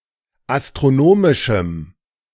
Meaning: strong dative masculine/neuter singular of astronomisch
- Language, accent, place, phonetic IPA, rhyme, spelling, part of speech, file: German, Germany, Berlin, [astʁoˈnoːmɪʃm̩], -oːmɪʃm̩, astronomischem, adjective, De-astronomischem.ogg